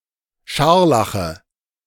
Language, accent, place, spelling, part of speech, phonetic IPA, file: German, Germany, Berlin, Scharlache, noun, [ˈʃaʁlaxə], De-Scharlache.ogg
- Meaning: nominative/accusative/genitive plural of Scharlach